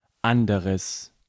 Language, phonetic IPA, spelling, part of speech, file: German, [ˈʔandəʁəs], anderes, adjective, De-anderes.ogg
- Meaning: strong/mixed nominative/accusative neuter singular of anderer